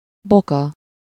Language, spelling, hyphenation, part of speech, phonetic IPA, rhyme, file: Hungarian, boka, bo‧ka, noun, [ˈbokɒ], -kɒ, Hu-boka.ogg
- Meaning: ankle